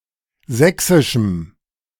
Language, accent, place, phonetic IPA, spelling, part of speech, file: German, Germany, Berlin, [ˈzɛksɪʃm̩], sächsischem, adjective, De-sächsischem.ogg
- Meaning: strong dative masculine/neuter singular of sächsisch